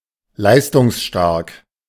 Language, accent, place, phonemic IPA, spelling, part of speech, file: German, Germany, Berlin, /ˈlaɪ̯stʊŋsˌʃtaʁk/, leistungsstark, adjective, De-leistungsstark.ogg
- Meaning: powerful, mighty